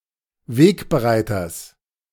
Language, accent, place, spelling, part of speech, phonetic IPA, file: German, Germany, Berlin, Wegbereiters, noun, [ˈveːkbəˌʁaɪ̯tɐs], De-Wegbereiters.ogg
- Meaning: genitive singular of Wegbereiter